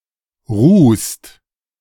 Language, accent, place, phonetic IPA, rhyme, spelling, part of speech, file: German, Germany, Berlin, [ʁuːst], -uːst, ruhst, verb, De-ruhst.ogg
- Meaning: second-person singular present of ruhen